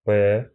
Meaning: 1. The Cyrillic letter П, п 2. The Roman letter P, p
- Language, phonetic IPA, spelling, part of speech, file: Russian, [pɛ], пэ, noun, Ru-пэ.ogg